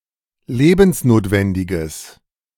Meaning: strong/mixed nominative/accusative neuter singular of lebensnotwendig
- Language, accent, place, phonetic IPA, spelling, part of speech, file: German, Germany, Berlin, [ˈleːbn̩sˌnoːtvɛndɪɡəs], lebensnotwendiges, adjective, De-lebensnotwendiges.ogg